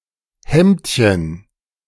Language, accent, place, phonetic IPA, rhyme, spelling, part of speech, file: German, Germany, Berlin, [ˈhɛmtçən], -ɛmtçən, Hemdchen, noun, De-Hemdchen.ogg
- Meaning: diminutive of Hemd